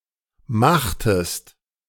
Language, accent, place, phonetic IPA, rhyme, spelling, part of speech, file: German, Germany, Berlin, [ˈmaxtəst], -axtəst, machtest, verb, De-machtest.ogg
- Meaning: inflection of machen: 1. second-person singular preterite 2. second-person singular subjunctive II